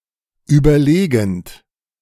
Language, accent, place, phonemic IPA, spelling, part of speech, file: German, Germany, Berlin, /ˌyːbɐˈleːɡn̩t/, überlegend, verb, De-überlegend.ogg
- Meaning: present participle of überlegen